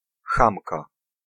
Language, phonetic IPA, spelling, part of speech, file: Polish, [ˈxãmka], chamka, noun, Pl-chamka.ogg